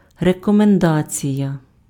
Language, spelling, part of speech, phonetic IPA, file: Ukrainian, рекомендація, noun, [rekɔmenˈdat͡sʲijɐ], Uk-рекомендація.ogg
- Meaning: 1. recommendation, reference, character reference (commendation or endorsement of a person) 2. recommendation (suggestion or proposal about the best course of action)